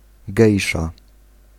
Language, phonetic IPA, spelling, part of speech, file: Polish, [ˈɡɛjʃa], gejsza, noun, Pl-gejsza.ogg